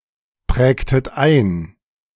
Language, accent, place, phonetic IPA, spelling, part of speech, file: German, Germany, Berlin, [ˌpʁɛːktət ˈaɪ̯n], prägtet ein, verb, De-prägtet ein.ogg
- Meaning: inflection of einprägen: 1. second-person plural preterite 2. second-person plural subjunctive II